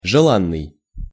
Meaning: desired, desirable, welcome, sought-after
- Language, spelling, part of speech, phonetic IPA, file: Russian, желанный, adjective, [ʐɨˈɫanːɨj], Ru-желанный.ogg